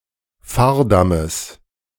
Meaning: genitive singular of Fahrdamm
- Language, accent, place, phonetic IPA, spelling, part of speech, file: German, Germany, Berlin, [ˈfaːɐ̯ˌdaməs], Fahrdammes, noun, De-Fahrdammes.ogg